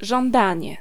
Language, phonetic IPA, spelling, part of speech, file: Polish, [ʒɔ̃nˈdãɲɛ], żądanie, noun, Pl-żądanie.ogg